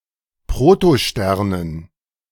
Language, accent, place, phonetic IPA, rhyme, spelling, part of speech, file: German, Germany, Berlin, [pʁotoˈʃtɛʁnən], -ɛʁnən, Protosternen, noun, De-Protosternen.ogg
- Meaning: dative plural of Protostern